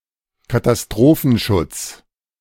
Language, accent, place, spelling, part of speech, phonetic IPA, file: German, Germany, Berlin, Katastrophenschutz, noun, [kataˈstʁoːfn̩ˌʃʊt͡s], De-Katastrophenschutz.ogg
- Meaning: 1. civil protection 2. disaster management / disaster prevention